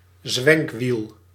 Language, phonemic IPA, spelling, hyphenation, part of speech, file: Dutch, /ˈzʋɛŋk.ʋil/, zwenkwiel, zwenk‧wiel, noun, Nl-zwenkwiel.ogg
- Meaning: a swivel castor, a castor wheel